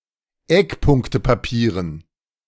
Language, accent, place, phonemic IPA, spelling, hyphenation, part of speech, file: German, Germany, Berlin, /ˈɛkˌpʊŋktəpaˌpiːʁən/, Eckpunktepapieren, Eck‧punk‧te‧pa‧pie‧ren, noun, De-Eckpunktepapieren.ogg
- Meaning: dative plural of Eckpunktepapier